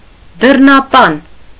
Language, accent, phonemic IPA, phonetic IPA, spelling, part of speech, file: Armenian, Eastern Armenian, /dərnɑˈpɑn/, [dərnɑpɑ́n], դռնապան, noun, Hy-դռնապան.ogg
- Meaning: 1. doorkeeper, porter, usher 2. yardman, yard cleaner